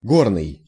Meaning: 1. mountain 2. rock 3. mining
- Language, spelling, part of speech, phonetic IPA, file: Russian, горный, adjective, [ˈɡornɨj], Ru-горный.ogg